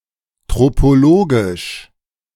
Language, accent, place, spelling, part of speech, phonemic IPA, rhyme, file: German, Germany, Berlin, tropologisch, adjective, /ˌtʁopoˈloːɡɪʃ/, -oːɡɪʃ, De-tropologisch.ogg
- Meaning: tropological